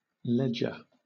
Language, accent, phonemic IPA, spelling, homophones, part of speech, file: English, Southern England, /ˈlɛd͡ʒə/, leger, ledger, adjective / noun / verb, LL-Q1860 (eng)-leger.wav
- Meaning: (adjective) 1. Light; slender, slim; trivial 2. Lying or remaining in a place; hence, resident; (noun) An ambassador or minister resident at a court or seat of government